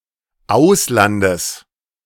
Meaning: genitive of Ausland
- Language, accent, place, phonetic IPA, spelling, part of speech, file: German, Germany, Berlin, [ˈaʊ̯slandəs], Auslandes, noun, De-Auslandes.ogg